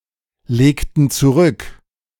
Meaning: inflection of zurücklegen: 1. first/third-person plural preterite 2. first/third-person plural subjunctive II
- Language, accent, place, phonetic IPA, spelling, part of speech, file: German, Germany, Berlin, [ˌleːktn̩ t͡suˈʁʏk], legten zurück, verb, De-legten zurück.ogg